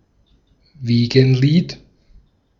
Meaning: lullaby (soothing song to lull children to sleep)
- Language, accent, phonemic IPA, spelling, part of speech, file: German, Austria, /ˈviːɡənˌliːt/, Wiegenlied, noun, De-at-Wiegenlied.ogg